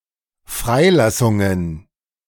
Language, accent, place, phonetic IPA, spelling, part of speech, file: German, Germany, Berlin, [ˈfʁaɪ̯ˌlasʊŋən], Freilassungen, noun, De-Freilassungen.ogg
- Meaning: plural of Freilassung